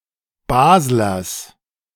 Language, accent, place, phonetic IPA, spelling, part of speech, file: German, Germany, Berlin, [ˈbaːzlɐs], Baslers, noun, De-Baslers.ogg
- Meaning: plural of Basler